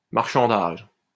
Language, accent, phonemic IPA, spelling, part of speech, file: French, France, /maʁ.ʃɑ̃.daʒ/, marchandage, noun, LL-Q150 (fra)-marchandage.wav
- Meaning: bargaining, haggling, negotiating a price